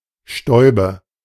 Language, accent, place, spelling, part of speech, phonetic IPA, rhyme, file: German, Germany, Berlin, Stäube, noun, [ˈʃtɔɪ̯bə], -ɔɪ̯bə, De-Stäube.ogg
- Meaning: nominative/accusative/genitive plural of Staub